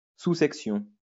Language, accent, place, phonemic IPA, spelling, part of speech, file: French, France, Lyon, /su.sɛk.sjɔ̃/, sous-section, noun, LL-Q150 (fra)-sous-section.wav
- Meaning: subsection